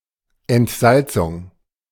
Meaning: desalination
- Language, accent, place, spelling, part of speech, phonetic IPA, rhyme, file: German, Germany, Berlin, Entsalzung, noun, [ɛntˈzalt͡sʊŋ], -alt͡sʊŋ, De-Entsalzung.ogg